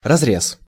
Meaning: 1. cut 2. section (cutting) 3. open-pit mine, strip mine
- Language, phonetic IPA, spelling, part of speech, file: Russian, [rɐzˈrʲes], разрез, noun, Ru-разрез.ogg